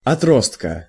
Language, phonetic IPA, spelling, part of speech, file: Russian, [ɐˈtrostkə], отростка, noun, Ru-отростка.ogg
- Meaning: genitive singular of отро́сток (otróstok)